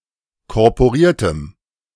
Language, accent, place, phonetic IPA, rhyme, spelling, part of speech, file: German, Germany, Berlin, [kɔʁpoˈʁiːɐ̯təm], -iːɐ̯təm, korporiertem, adjective, De-korporiertem.ogg
- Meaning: strong dative masculine/neuter singular of korporiert